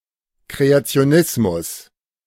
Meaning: creationism
- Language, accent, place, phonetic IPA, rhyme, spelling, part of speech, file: German, Germany, Berlin, [kʁeat͡si̯oˈnɪsmʊs], -ɪsmʊs, Kreationismus, noun, De-Kreationismus.ogg